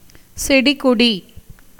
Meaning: plant
- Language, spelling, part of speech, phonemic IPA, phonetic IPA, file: Tamil, செடிகொடி, noun, /tʃɛɖɪɡoɖiː/, [se̞ɖɪɡo̞ɖiː], Ta-செடிகொடி.ogg